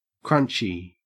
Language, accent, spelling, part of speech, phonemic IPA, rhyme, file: English, Australia, crunchy, adjective / noun, /ˈkɹʌnt͡ʃi/, -ʌntʃi, En-au-crunchy.ogg
- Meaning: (adjective) 1. Likely to crunch, especially with reference to food when it is eaten 2. Having counter-culture sensibilities; nature-loving or hippie; wholesome, health-conscious